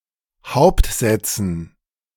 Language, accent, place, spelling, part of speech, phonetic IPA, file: German, Germany, Berlin, Hauptsätzen, noun, [ˈhaʊ̯ptˌzɛt͡sn̩], De-Hauptsätzen.ogg
- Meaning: dative plural of Hauptsatz